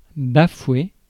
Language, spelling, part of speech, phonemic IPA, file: French, bafouer, verb, /ba.fwe/, Fr-bafouer.ogg
- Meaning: 1. to scorn 2. to flout